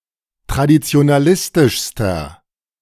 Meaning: inflection of traditionalistisch: 1. strong/mixed nominative masculine singular superlative degree 2. strong genitive/dative feminine singular superlative degree
- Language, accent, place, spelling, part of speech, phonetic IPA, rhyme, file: German, Germany, Berlin, traditionalistischster, adjective, [tʁadit͡si̯onaˈlɪstɪʃstɐ], -ɪstɪʃstɐ, De-traditionalistischster.ogg